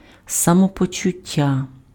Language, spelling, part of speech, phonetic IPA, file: Ukrainian, самопочуття, noun, [sɐmɔpɔt͡ʃʊˈtʲːa], Uk-самопочуття.ogg
- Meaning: state of being, (state of) health, feeling (well or ill)